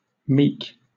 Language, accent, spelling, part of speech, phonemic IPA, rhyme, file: English, Southern England, meek, adjective / verb, /miːk/, -iːk, LL-Q1860 (eng)-meek.wav
- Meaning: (adjective) 1. Humble, non-boastful, modest, meager, or self-effacing 2. Submissive, dispirited, cowed; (verb) To tame; to break (a horse)